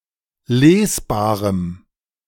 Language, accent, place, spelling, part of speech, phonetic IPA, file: German, Germany, Berlin, lesbarem, adjective, [ˈleːsˌbaːʁəm], De-lesbarem.ogg
- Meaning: strong dative masculine/neuter singular of lesbar